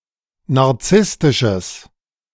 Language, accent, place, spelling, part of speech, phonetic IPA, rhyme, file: German, Germany, Berlin, narzisstisches, adjective, [naʁˈt͡sɪstɪʃəs], -ɪstɪʃəs, De-narzisstisches.ogg
- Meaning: strong/mixed nominative/accusative neuter singular of narzisstisch